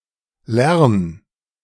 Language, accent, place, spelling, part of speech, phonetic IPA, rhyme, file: German, Germany, Berlin, lern, verb, [lɛʁn], -ɛʁn, De-lern.ogg
- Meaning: singular imperative of lernen